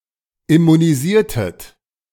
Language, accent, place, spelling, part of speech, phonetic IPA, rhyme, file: German, Germany, Berlin, immunisiertet, verb, [ɪmuniˈziːɐ̯tət], -iːɐ̯tət, De-immunisiertet.ogg
- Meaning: inflection of immunisieren: 1. second-person plural preterite 2. second-person plural subjunctive II